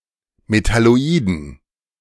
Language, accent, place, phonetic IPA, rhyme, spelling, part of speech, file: German, Germany, Berlin, [metaloˈiːdn̩], -iːdn̩, Metalloiden, noun, De-Metalloiden.ogg
- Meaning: dative plural of Metalloid